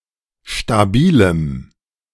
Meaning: strong dative masculine/neuter singular of stabil
- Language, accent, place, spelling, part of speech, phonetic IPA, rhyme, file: German, Germany, Berlin, stabilem, adjective, [ʃtaˈbiːləm], -iːləm, De-stabilem.ogg